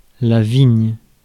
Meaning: 1. vine 2. vineyard
- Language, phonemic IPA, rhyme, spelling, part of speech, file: French, /viɲ/, -iɲ, vigne, noun, Fr-vigne.ogg